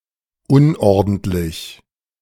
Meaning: untidy (sloppy)
- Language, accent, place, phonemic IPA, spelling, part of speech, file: German, Germany, Berlin, /ˈʊnˌ(ʔ)ɔɐ̯dn̩tˌlɪç/, unordentlich, adjective, De-unordentlich2.ogg